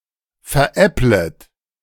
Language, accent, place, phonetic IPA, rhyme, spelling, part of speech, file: German, Germany, Berlin, [fɛɐ̯ˈʔɛplət], -ɛplət, veräpplet, verb, De-veräpplet.ogg
- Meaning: second-person plural subjunctive I of veräppeln